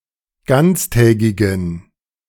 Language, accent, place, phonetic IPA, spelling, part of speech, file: German, Germany, Berlin, [ˈɡant͡sˌtɛːɡɪɡn̩], ganztägigen, adjective, De-ganztägigen.ogg
- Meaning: inflection of ganztägig: 1. strong genitive masculine/neuter singular 2. weak/mixed genitive/dative all-gender singular 3. strong/weak/mixed accusative masculine singular 4. strong dative plural